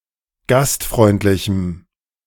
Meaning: strong dative masculine/neuter singular of gastfreundlich
- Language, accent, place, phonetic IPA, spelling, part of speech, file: German, Germany, Berlin, [ˈɡastˌfʁɔɪ̯ntlɪçm̩], gastfreundlichem, adjective, De-gastfreundlichem.ogg